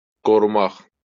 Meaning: to protect
- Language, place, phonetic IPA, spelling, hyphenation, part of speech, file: Azerbaijani, Baku, [ɡoruˈmɑχ], qorumaq, qo‧ru‧maq, verb, LL-Q9292 (aze)-qorumaq.wav